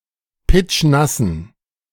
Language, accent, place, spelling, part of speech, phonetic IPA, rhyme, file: German, Germany, Berlin, pitschnassen, adjective, [ˈpɪt͡ʃˈnasn̩], -asn̩, De-pitschnassen.ogg
- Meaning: inflection of pitschnass: 1. strong genitive masculine/neuter singular 2. weak/mixed genitive/dative all-gender singular 3. strong/weak/mixed accusative masculine singular 4. strong dative plural